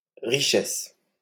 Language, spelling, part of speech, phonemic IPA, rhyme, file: French, richesse, noun, /ʁi.ʃɛs/, -ɛs, LL-Q150 (fra)-richesse.wav
- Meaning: 1. wealth 2. richness